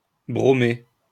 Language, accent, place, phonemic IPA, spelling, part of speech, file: French, France, Lyon, /bʁo.me/, bromer, verb, LL-Q150 (fra)-bromer.wav
- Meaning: to brominate